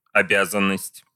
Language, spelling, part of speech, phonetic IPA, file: Russian, обязанность, noun, [ɐˈbʲazən(ː)əsʲtʲ], Ru-обязанность .ogg
- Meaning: 1. duty 2. service